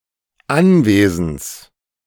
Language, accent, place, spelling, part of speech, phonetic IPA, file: German, Germany, Berlin, Anwesens, noun, [ˈanˌveːzn̩s], De-Anwesens.ogg
- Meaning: genitive singular of Anwesen